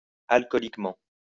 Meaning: alcoholically
- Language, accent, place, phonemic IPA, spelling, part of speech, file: French, France, Lyon, /al.kɔ.lik.mɑ̃/, alcooliquement, adverb, LL-Q150 (fra)-alcooliquement.wav